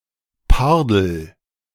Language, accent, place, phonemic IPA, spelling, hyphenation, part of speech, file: German, Germany, Berlin, /ˈpaʁdəl/, Pardel, Par‧del, noun, De-Pardel.ogg
- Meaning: leopard